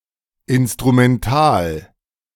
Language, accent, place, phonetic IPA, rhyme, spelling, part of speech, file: German, Germany, Berlin, [ɪnstʁumɛnˈtaːl], -aːl, Instrumental, noun, De-Instrumental.ogg
- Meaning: instrumental, instrumental case